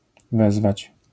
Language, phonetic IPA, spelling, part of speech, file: Polish, [ˈvɛzvat͡ɕ], wezwać, verb, LL-Q809 (pol)-wezwać.wav